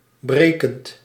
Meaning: present participle of breken
- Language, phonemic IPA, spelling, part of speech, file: Dutch, /ˈbre.kənt/, brekend, verb / adjective, Nl-brekend.ogg